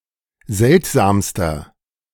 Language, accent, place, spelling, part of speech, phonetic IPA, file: German, Germany, Berlin, seltsamster, adjective, [ˈzɛltzaːmstɐ], De-seltsamster.ogg
- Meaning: inflection of seltsam: 1. strong/mixed nominative masculine singular superlative degree 2. strong genitive/dative feminine singular superlative degree 3. strong genitive plural superlative degree